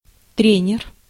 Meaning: coach; trainer
- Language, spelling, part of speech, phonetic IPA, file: Russian, тренер, noun, [ˈtrʲenʲɪr], Ru-тренер.ogg